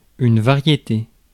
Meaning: 1. variety 2. type, genre 3. manifold
- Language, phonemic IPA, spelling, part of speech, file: French, /va.ʁje.te/, variété, noun, Fr-variété.ogg